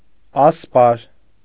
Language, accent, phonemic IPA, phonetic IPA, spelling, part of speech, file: Armenian, Eastern Armenian, /ɑsˈpɑɾ/, [ɑspɑ́ɾ], ասպար, noun, Hy-ասպար.ogg
- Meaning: 1. shield 2. armor